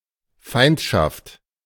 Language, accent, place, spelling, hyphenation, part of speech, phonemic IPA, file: German, Germany, Berlin, Feindschaft, Feind‧schaft, noun, /ˈfaɪ̯ntʃaft/, De-Feindschaft.ogg
- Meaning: enmity, hostility